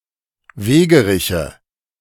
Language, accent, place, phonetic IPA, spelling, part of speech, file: German, Germany, Berlin, [ˈveːɡəˌʁɪçə], Wegeriche, noun, De-Wegeriche.ogg
- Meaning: nominative/accusative/genitive plural of Wegerich